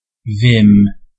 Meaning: Ready vitality and vigour
- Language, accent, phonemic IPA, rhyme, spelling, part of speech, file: English, General American, /vɪm/, -ɪm, vim, noun, En-us-vim.ogg